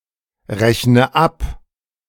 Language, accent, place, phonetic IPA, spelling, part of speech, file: German, Germany, Berlin, [ˌʁɛçnə ˈap], rechne ab, verb, De-rechne ab.ogg
- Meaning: inflection of abrechnen: 1. first-person singular present 2. first/third-person singular subjunctive I 3. singular imperative